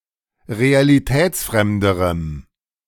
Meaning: strong dative masculine/neuter singular comparative degree of realitätsfremd
- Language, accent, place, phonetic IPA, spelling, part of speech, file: German, Germany, Berlin, [ʁealiˈtɛːt͡sˌfʁɛmdəʁəm], realitätsfremderem, adjective, De-realitätsfremderem.ogg